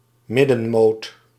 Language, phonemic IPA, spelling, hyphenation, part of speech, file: Dutch, /ˈmɪ.də(n)ˌmoːt/, middenmoot, mid‧den‧moot, noun, Nl-middenmoot.ogg
- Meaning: 1. the middle slice of a fish 2. middle, the average or mediocre section of a certain reference class